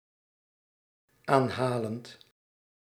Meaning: present participle of aanhalen
- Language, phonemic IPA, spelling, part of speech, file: Dutch, /ˈanhalənt/, aanhalend, verb, Nl-aanhalend.ogg